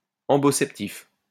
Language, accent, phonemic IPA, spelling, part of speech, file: French, France, /ɑ̃.bɔ.sɛp.tif/, amboceptif, adjective, LL-Q150 (fra)-amboceptif.wav
- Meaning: Said of a feeling immediately shared like shame